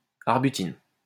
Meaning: arbutin
- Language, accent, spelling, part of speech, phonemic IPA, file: French, France, arbutine, noun, /aʁ.by.tin/, LL-Q150 (fra)-arbutine.wav